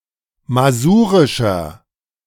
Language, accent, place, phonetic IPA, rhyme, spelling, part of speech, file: German, Germany, Berlin, [maˈzuːʁɪʃɐ], -uːʁɪʃɐ, masurischer, adjective, De-masurischer.ogg
- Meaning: 1. comparative degree of masurisch 2. inflection of masurisch: strong/mixed nominative masculine singular 3. inflection of masurisch: strong genitive/dative feminine singular